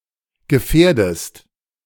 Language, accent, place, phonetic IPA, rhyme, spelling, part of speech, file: German, Germany, Berlin, [ɡəˈfɛːɐ̯dəst], -ɛːɐ̯dəst, gefährdest, verb, De-gefährdest.ogg
- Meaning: inflection of gefährden: 1. second-person singular present 2. second-person singular subjunctive I